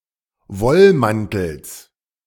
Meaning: genitive singular of Wollmantel
- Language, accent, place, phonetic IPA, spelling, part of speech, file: German, Germany, Berlin, [ˈvɔlˌmantl̩s], Wollmantels, noun, De-Wollmantels.ogg